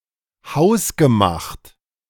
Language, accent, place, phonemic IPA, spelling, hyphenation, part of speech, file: German, Germany, Berlin, /ˈhaʊ̯sɡəˌmaxt/, hausgemacht, haus‧ge‧macht, adjective, De-hausgemacht.ogg
- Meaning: homemade, home-made